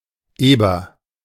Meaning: boar (male pig, especially domestic)
- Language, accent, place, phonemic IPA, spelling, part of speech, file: German, Germany, Berlin, /ˈeːbɐ/, Eber, noun, De-Eber.ogg